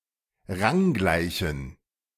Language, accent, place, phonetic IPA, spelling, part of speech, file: German, Germany, Berlin, [ˈʁaŋˌɡlaɪ̯çn̩], ranggleichen, adjective, De-ranggleichen.ogg
- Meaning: inflection of ranggleich: 1. strong genitive masculine/neuter singular 2. weak/mixed genitive/dative all-gender singular 3. strong/weak/mixed accusative masculine singular 4. strong dative plural